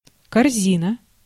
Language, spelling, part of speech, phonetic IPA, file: Russian, корзина, noun, [kɐrˈzʲinə], Ru-корзина.ogg
- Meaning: 1. basket (container) 2. wastebasket 3. hoop 4. (as described below)